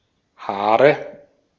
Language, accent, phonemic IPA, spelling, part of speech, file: German, Austria, /ˈhaːʁə/, Haare, noun, De-at-Haare.ogg
- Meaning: nominative/accusative/genitive plural of Haar "hair/hairs"